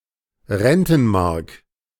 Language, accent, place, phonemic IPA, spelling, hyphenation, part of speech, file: German, Germany, Berlin, /ˈʁɛntn̩ˌmaʁk/, Rentenmark, Ren‧ten‧mark, noun, De-Rentenmark.ogg
- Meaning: Rentenmark